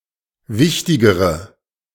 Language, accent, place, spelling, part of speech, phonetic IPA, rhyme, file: German, Germany, Berlin, wichtigere, adjective, [ˈvɪçtɪɡəʁə], -ɪçtɪɡəʁə, De-wichtigere.ogg
- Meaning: inflection of wichtig: 1. strong/mixed nominative/accusative feminine singular comparative degree 2. strong nominative/accusative plural comparative degree